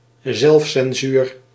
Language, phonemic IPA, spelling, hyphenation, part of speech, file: Dutch, /ˈzɛlf.sɛnˌzyːr/, zelfcensuur, zelf‧cen‧suur, noun, Nl-zelfcensuur.ogg
- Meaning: self-censorship